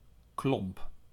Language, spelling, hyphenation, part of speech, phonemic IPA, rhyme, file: Dutch, klomp, klomp, noun, /klɔmp/, -ɔmp, Nl-klomp.ogg
- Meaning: 1. a wooden shoe, clog 2. a clump, nugget, lump (an unshaped piece or mass) 3. a kicker, protective footwear worn by goalkeepers